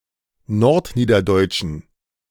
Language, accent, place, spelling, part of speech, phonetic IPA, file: German, Germany, Berlin, nordniederdeutschen, adjective, [ˈnɔʁtˌniːdɐdɔɪ̯t͡ʃn̩], De-nordniederdeutschen.ogg
- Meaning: inflection of nordniederdeutsch: 1. strong genitive masculine/neuter singular 2. weak/mixed genitive/dative all-gender singular 3. strong/weak/mixed accusative masculine singular